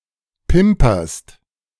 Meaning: second-person singular present of pimpern
- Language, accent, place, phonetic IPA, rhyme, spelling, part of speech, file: German, Germany, Berlin, [ˈpɪmpɐst], -ɪmpɐst, pimperst, verb, De-pimperst.ogg